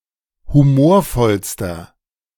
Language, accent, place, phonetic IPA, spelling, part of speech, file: German, Germany, Berlin, [huˈmoːɐ̯ˌfɔlstɐ], humorvollster, adjective, De-humorvollster.ogg
- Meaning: inflection of humorvoll: 1. strong/mixed nominative masculine singular superlative degree 2. strong genitive/dative feminine singular superlative degree 3. strong genitive plural superlative degree